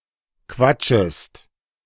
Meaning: second-person singular subjunctive I of quatschen
- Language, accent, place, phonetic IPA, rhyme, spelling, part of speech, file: German, Germany, Berlin, [ˈkvat͡ʃəst], -at͡ʃəst, quatschest, verb, De-quatschest.ogg